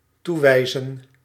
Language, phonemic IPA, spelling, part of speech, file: Dutch, /tuʋɛɪ̭zə(n)/, toewijzen, verb, Nl-toewijzen.ogg
- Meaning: to assign